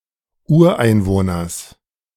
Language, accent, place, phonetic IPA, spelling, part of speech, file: German, Germany, Berlin, [ˈuːɐ̯ʔaɪ̯nˌvoːnɐs], Ureinwohners, noun, De-Ureinwohners.ogg
- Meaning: genitive singular of Ureinwohner